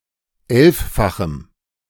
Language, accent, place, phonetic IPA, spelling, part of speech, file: German, Germany, Berlin, [ˈɛlffaxm̩], elffachem, adjective, De-elffachem.ogg
- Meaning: strong dative masculine/neuter singular of elffach